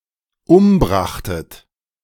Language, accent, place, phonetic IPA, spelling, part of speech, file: German, Germany, Berlin, [ˈʊmˌbʁaxtət], umbrachtet, verb, De-umbrachtet.ogg
- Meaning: second-person plural dependent preterite of umbringen